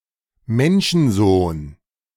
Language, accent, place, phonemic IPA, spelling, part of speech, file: German, Germany, Berlin, /ˈmɛnʃn̩ˌzoːn/, Menschensohn, proper noun, De-Menschensohn.ogg
- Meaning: Son of Man